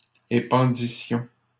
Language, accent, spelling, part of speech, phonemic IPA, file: French, Canada, épandissions, verb, /e.pɑ̃.di.sjɔ̃/, LL-Q150 (fra)-épandissions.wav
- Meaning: first-person plural imperfect subjunctive of épandre